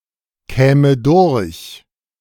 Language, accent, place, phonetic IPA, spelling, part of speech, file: German, Germany, Berlin, [ˌkɛːmə ˈdʊʁç], käme durch, verb, De-käme durch.ogg
- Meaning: first/third-person singular subjunctive II of durchkommen